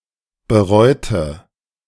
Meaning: inflection of bereuen: 1. first/third-person singular preterite 2. first/third-person singular subjunctive II
- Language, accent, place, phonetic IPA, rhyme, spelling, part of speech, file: German, Germany, Berlin, [bəˈʁɔɪ̯tə], -ɔɪ̯tə, bereute, adjective / verb, De-bereute.ogg